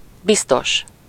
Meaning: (adjective) 1. safe, secure 2. sure, steady 3. sure of, certain, confident, positive (with -ban/-ben); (adverb) 1. surely, certainly 2. probably, perhaps, maybe; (noun) commissioner, policeman
- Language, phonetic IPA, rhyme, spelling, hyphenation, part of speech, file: Hungarian, [ˈbistoʃ], -oʃ, biztos, biz‧tos, adjective / adverb / noun, Hu-biztos.ogg